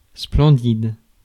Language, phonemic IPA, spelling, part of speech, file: French, /splɑ̃.did/, splendide, adjective, Fr-splendide.ogg
- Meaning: splendid; magnificent; impressive